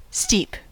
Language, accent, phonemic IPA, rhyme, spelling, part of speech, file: English, US, /stiːp/, -iːp, steep, adjective / noun / verb, En-us-steep.ogg
- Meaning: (adjective) 1. Of a near-vertical gradient; of a slope, surface, curve, etc. that proceeds upward or downward at an angle approaching vertical 2. Expensive